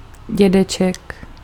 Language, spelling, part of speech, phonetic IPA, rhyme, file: Czech, dědeček, noun, [ˈɟɛdɛt͡ʃɛk], -ɛtʃɛk, Cs-dědeček.ogg
- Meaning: 1. grandfather 2. old man 3. ancestors 4. a very old thing